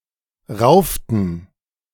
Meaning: inflection of raufen: 1. first/third-person plural preterite 2. first/third-person plural subjunctive II
- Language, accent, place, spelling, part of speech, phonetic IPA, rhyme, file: German, Germany, Berlin, rauften, verb, [ˈʁaʊ̯ftn̩], -aʊ̯ftn̩, De-rauften.ogg